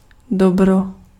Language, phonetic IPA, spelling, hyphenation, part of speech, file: Czech, [ˈdobro], dobro, dob‧ro, noun, Cs-dobro.ogg
- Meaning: good